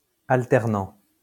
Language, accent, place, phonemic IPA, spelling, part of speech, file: French, France, Lyon, /al.tɛʁ.nɑ̃/, alternant, verb / adjective, LL-Q150 (fra)-alternant.wav
- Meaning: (verb) present participle of alterner; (adjective) alternating